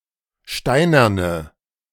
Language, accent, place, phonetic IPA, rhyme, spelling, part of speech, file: German, Germany, Berlin, [ˈʃtaɪ̯nɐnə], -aɪ̯nɐnə, steinerne, adjective, De-steinerne.ogg
- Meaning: inflection of steinern: 1. strong/mixed nominative/accusative feminine singular 2. strong nominative/accusative plural 3. weak nominative all-gender singular